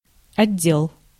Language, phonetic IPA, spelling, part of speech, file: Russian, [ɐˈdʲːeɫ], отдел, noun, Ru-отдел.ogg
- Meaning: department, division, bureau, office, section